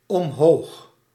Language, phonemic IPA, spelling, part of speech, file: Dutch, /ɔmˈhox/, omhoog, adverb, Nl-omhoog.ogg
- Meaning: 1. upwards 2. on high